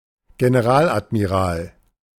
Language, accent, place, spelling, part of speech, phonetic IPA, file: German, Germany, Berlin, Generaladmiral, noun, [ɡenəˈʁaːlʔatmiˌʁaːl], De-Generaladmiral.ogg
- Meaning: general admiral (a rank between admiral and grand admiral in the Nazi German navy)